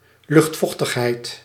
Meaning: humidity (amount of water vapour in the air), atmospheric humidity, air humidity
- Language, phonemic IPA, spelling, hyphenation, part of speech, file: Dutch, /ˈlʏxtˌvɔx.təx.ɦɛi̯t/, luchtvochtigheid, lucht‧voch‧tig‧heid, noun, Nl-luchtvochtigheid.ogg